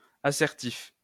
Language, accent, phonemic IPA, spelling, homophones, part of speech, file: French, France, /a.sɛʁ.tif/, assertif, assertifs, adjective, LL-Q150 (fra)-assertif.wav
- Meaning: assertive